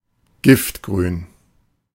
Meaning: intense, bright green (in colour), bilious green
- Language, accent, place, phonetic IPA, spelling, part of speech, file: German, Germany, Berlin, [ˈɡɪftɡʁyːn], giftgrün, adjective, De-giftgrün.ogg